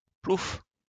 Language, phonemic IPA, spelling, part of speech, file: French, /pluf/, plouf, interjection / noun, LL-Q150 (fra)-plouf.wav
- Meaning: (interjection) 1. splash 2. The sound of a light explosion